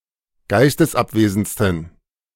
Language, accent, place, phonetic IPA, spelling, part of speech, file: German, Germany, Berlin, [ˈɡaɪ̯stəsˌʔapveːzn̩t͡stən], geistesabwesendsten, adjective, De-geistesabwesendsten.ogg
- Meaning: 1. superlative degree of geistesabwesend 2. inflection of geistesabwesend: strong genitive masculine/neuter singular superlative degree